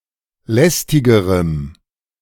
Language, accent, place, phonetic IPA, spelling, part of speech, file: German, Germany, Berlin, [ˈlɛstɪɡəʁəm], lästigerem, adjective, De-lästigerem.ogg
- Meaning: strong dative masculine/neuter singular comparative degree of lästig